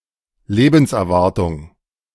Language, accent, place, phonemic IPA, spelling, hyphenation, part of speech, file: German, Germany, Berlin, /ˈleːbn̩sʔɛɐ̯ˌvaʁtʊŋ/, Lebenserwartung, Le‧bens‧er‧war‧tung, noun, De-Lebenserwartung.ogg
- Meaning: life expectancy, lifespan (of organism)